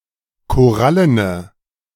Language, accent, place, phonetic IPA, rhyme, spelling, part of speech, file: German, Germany, Berlin, [koˈʁalənə], -alənə, korallene, adjective, De-korallene.ogg
- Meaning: inflection of korallen: 1. strong/mixed nominative/accusative feminine singular 2. strong nominative/accusative plural 3. weak nominative all-gender singular